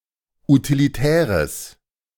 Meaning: strong/mixed nominative/accusative neuter singular of utilitär
- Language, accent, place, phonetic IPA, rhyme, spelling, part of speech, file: German, Germany, Berlin, [utiliˈtɛːʁəs], -ɛːʁəs, utilitäres, adjective, De-utilitäres.ogg